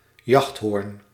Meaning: a hunting horn
- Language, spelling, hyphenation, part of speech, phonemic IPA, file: Dutch, jachthoorn, jacht‧hoorn, noun, /ˈjɑxt.ɦoːrn/, Nl-jachthoorn.ogg